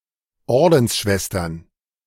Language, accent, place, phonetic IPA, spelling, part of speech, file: German, Germany, Berlin, [ˈɔʁdn̩sˌʃvɛstɐn], Ordensschwestern, noun, De-Ordensschwestern.ogg
- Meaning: plural of Ordensschwester